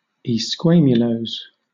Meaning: Not covered in scales or scale-like objects; having a smooth skin or outer covering
- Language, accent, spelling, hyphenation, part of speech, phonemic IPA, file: English, Southern England, esquamulose, esqua‧mul‧ose, adjective, /iːˈskweɪmjʊləʊs/, LL-Q1860 (eng)-esquamulose.wav